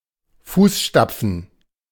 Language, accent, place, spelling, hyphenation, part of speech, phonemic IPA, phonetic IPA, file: German, Germany, Berlin, Fußstapfen, Fuß‧stap‧fen, noun, /ˈfuːsˌʃtap͡fən/, [ˈfuːsˌʃtap͡fn̩], De-Fußstapfen.ogg
- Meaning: footstep